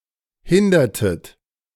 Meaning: inflection of hindern: 1. second-person plural preterite 2. second-person plural subjunctive II
- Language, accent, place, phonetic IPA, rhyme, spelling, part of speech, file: German, Germany, Berlin, [ˈhɪndɐtət], -ɪndɐtət, hindertet, verb, De-hindertet.ogg